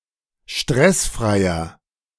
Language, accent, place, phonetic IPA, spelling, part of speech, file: German, Germany, Berlin, [ˈʃtʁɛsˌfʁaɪ̯ɐ], stressfreier, adjective, De-stressfreier.ogg
- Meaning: inflection of stressfrei: 1. strong/mixed nominative masculine singular 2. strong genitive/dative feminine singular 3. strong genitive plural